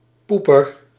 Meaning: 1. a butthole, arse/ass, anus 2. a shitter, a pooper, one who defecates 3. See met de poepers zitten
- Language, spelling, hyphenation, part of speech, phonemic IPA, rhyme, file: Dutch, poeper, poe‧per, noun, /ˈpu.pər/, -upər, Nl-poeper.ogg